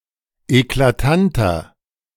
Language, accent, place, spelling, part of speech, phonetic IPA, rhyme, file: German, Germany, Berlin, eklatanter, adjective, [eklaˈtantɐ], -antɐ, De-eklatanter.ogg
- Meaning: 1. comparative degree of eklatant 2. inflection of eklatant: strong/mixed nominative masculine singular 3. inflection of eklatant: strong genitive/dative feminine singular